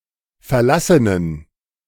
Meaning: inflection of verlassen: 1. strong genitive masculine/neuter singular 2. weak/mixed genitive/dative all-gender singular 3. strong/weak/mixed accusative masculine singular 4. strong dative plural
- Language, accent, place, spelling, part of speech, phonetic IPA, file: German, Germany, Berlin, verlassenen, adjective, [fɛɐ̯ˈlasənən], De-verlassenen.ogg